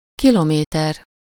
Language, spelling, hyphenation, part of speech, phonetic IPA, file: Hungarian, kilométer, ki‧lo‧mé‧ter, noun, [ˈkiloːmeːtɛr], Hu-kilométer.ogg
- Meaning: kilometre (UK), kilometer (US)